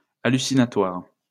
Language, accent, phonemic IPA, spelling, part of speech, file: French, France, /a.ly.si.na.twaʁ/, hallucinatoire, adjective, LL-Q150 (fra)-hallucinatoire.wav
- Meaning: hallucinatory